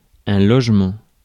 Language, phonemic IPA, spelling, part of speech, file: French, /lɔʒ.mɑ̃/, logement, noun, Fr-logement.ogg
- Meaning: 1. housing, dwelling 2. home, abode 3. residence, domicile 4. accommodation